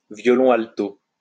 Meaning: viola
- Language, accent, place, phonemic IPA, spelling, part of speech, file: French, France, Lyon, /vjɔ.lɔ̃ al.to/, violon alto, noun, LL-Q150 (fra)-violon alto.wav